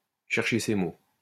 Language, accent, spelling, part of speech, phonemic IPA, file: French, France, chercher ses mots, verb, /ʃɛʁ.ʃe se mo/, LL-Q150 (fra)-chercher ses mots.wav
- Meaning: to fumble for words, to grasp for words, to be at a loss for words